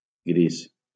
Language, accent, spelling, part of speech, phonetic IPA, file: Catalan, Valencia, gris, adjective / noun, [ˈɡɾis], LL-Q7026 (cat)-gris.wav
- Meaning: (adjective) grey / gray